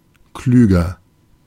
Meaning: comparative degree of klug
- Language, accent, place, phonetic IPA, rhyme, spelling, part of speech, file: German, Germany, Berlin, [ˈklyːɡɐ], -yːɡɐ, klüger, adjective, De-klüger.ogg